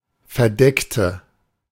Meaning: inflection of verdecken: 1. first/third-person singular preterite 2. first/third-person singular subjunctive II
- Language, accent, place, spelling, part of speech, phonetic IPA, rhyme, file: German, Germany, Berlin, verdeckte, adjective / verb, [fɛɐ̯ˈdɛktə], -ɛktə, De-verdeckte.ogg